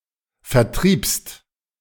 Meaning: second-person singular preterite of vertreiben
- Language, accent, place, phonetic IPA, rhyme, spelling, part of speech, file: German, Germany, Berlin, [fɛɐ̯ˈtʁiːpst], -iːpst, vertriebst, verb, De-vertriebst.ogg